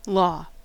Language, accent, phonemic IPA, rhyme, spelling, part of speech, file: English, US, /lɔ/, -ɔː, law, noun / verb / interjection, En-us-law.ogg
- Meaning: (noun) The body of binding rules and regulations, customs, and standards established in a community by its legislative and judicial authorities